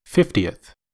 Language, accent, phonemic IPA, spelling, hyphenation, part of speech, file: English, US, /ˈfɪf.ti.əθ/, fiftieth, fif‧ti‧eth, adjective / noun, En-us-fiftieth.ogg
- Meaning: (adjective) The ordinal form of the number fifty; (noun) 1. The person or thing in the fiftieth position 2. One of fifty equal parts of a whole